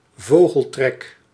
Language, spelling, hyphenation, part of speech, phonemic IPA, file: Dutch, vogeltrek, vo‧gel‧trek, noun, /ˈvoː.ɣəlˌtrɛk/, Nl-vogeltrek.ogg
- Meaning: bird migration